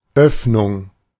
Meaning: 1. opening 2. orifice
- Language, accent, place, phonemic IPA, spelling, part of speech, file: German, Germany, Berlin, /ˈœfnʊŋ/, Öffnung, noun, De-Öffnung.ogg